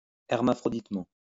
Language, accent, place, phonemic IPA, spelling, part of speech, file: French, France, Lyon, /ɛʁ.ma.fʁɔ.dit.mɑ̃/, hermaphroditement, adverb, LL-Q150 (fra)-hermaphroditement.wav
- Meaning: hermaphroditically